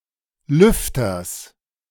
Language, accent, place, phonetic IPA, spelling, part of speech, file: German, Germany, Berlin, [ˈlʏftɐs], Lüfters, noun, De-Lüfters.ogg
- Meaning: genitive singular of Lüfter